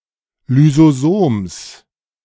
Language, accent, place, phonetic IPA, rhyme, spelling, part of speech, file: German, Germany, Berlin, [lyzoˈzoːms], -oːms, Lysosoms, noun, De-Lysosoms.ogg
- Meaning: genitive singular of Lysosom